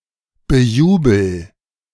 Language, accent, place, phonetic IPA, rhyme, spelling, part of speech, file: German, Germany, Berlin, [bəˈjuːbl̩], -uːbl̩, bejubel, verb, De-bejubel.ogg
- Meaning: inflection of bejubeln: 1. first-person singular present 2. singular imperative